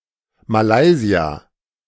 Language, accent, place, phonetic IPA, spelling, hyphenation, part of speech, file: German, Germany, Berlin, [maˈlaɪ̯zi̯a], Malaysia, Ma‧lay‧sia, proper noun, De-Malaysia.ogg
- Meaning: Malaysia (a country in Southeast Asia)